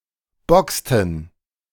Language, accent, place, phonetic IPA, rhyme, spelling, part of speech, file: German, Germany, Berlin, [ˈbɔkstn̩], -ɔkstn̩, boxten, verb, De-boxten.ogg
- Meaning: inflection of boxen: 1. first/third-person plural preterite 2. first/third-person plural subjunctive II